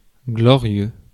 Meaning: glorious
- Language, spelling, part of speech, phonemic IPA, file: French, glorieux, adjective, /ɡlɔ.ʁjø/, Fr-glorieux.ogg